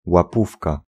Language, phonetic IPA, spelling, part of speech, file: Polish, [waˈpufka], łapówka, noun, Pl-łapówka.ogg